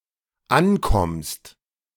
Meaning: second-person singular dependent present of ankommen
- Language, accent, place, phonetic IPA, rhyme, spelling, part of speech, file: German, Germany, Berlin, [ˈanˌkɔmst], -ankɔmst, ankommst, verb, De-ankommst.ogg